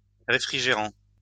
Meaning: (verb) present participle of réfrigérer; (adjective) refrigerant
- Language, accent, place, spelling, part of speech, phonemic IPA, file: French, France, Lyon, réfrigérant, verb / adjective, /ʁe.fʁi.ʒe.ʁɑ̃/, LL-Q150 (fra)-réfrigérant.wav